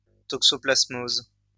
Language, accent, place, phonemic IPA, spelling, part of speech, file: French, France, Lyon, /tɔk.sɔ.plas.moz/, toxoplasmose, noun, LL-Q150 (fra)-toxoplasmose.wav
- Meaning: toxoplasmosis